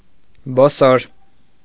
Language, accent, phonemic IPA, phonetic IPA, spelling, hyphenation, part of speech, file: Armenian, Eastern Armenian, /boˈsoɾ/, [bosóɾ], բոսոր, բո‧սոր, adjective, Hy-բոսոր.ogg
- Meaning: blood-red, crimson